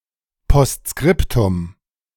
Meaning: postscriptum
- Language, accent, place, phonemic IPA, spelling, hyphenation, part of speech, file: German, Germany, Berlin, /ˌpɔstˈskrɪptʊm/, Postskriptum, Post‧skrip‧tum, noun, De-Postskriptum.ogg